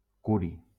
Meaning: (noun) curium; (verb) inflection of curar: 1. first/third-person singular present subjunctive 2. third-person singular imperative
- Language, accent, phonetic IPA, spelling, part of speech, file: Catalan, Valencia, [ˈku.ɾi], curi, noun / verb, LL-Q7026 (cat)-curi.wav